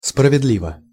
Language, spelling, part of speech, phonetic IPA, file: Russian, справедливо, adverb / adjective, [sprəvʲɪdˈlʲivə], Ru-справедливо.ogg
- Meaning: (adverb) justly, fairly (in a just or fair manner); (adjective) short neuter singular of справедли́вый (spravedlívyj)